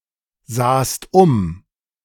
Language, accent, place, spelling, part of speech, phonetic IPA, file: German, Germany, Berlin, sahst um, verb, [ˌzaːst ˈʊm], De-sahst um.ogg
- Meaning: second-person singular preterite of umsehen